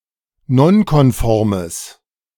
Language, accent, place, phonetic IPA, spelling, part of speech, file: German, Germany, Berlin, [ˈnɔnkɔnˌfɔʁməs], nonkonformes, adjective, De-nonkonformes.ogg
- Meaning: strong/mixed nominative/accusative neuter singular of nonkonform